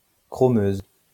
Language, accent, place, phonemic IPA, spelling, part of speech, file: French, France, Lyon, /kʁɔ.møz/, chromeuse, adjective, LL-Q150 (fra)-chromeuse.wav
- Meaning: feminine singular of chromeux